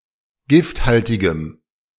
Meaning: strong dative masculine/neuter singular of gifthaltig
- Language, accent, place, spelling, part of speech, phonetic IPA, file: German, Germany, Berlin, gifthaltigem, adjective, [ˈɡɪftˌhaltɪɡəm], De-gifthaltigem.ogg